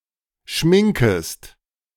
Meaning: second-person singular subjunctive I of schminken
- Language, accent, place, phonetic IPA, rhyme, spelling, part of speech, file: German, Germany, Berlin, [ˈʃmɪŋkəst], -ɪŋkəst, schminkest, verb, De-schminkest.ogg